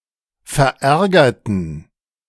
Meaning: inflection of verärgert: 1. strong genitive masculine/neuter singular 2. weak/mixed genitive/dative all-gender singular 3. strong/weak/mixed accusative masculine singular 4. strong dative plural
- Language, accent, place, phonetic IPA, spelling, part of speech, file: German, Germany, Berlin, [fɛɐ̯ˈʔɛʁɡɐtn̩], verärgerten, adjective / verb, De-verärgerten.ogg